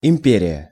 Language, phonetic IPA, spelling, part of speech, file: Russian, [ɪm⁽ʲ⁾ˈpʲerʲɪjə], империя, noun, Ru-империя.ogg
- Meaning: empire